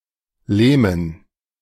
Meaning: dative plural of Lehm
- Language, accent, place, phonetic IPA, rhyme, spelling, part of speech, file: German, Germany, Berlin, [ˈleːmən], -eːmən, Lehmen, noun, De-Lehmen.ogg